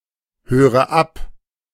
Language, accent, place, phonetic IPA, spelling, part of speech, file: German, Germany, Berlin, [ˌhøːʁə ˈap], höre ab, verb, De-höre ab.ogg
- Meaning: inflection of abhören: 1. first-person singular present 2. first/third-person singular subjunctive I 3. singular imperative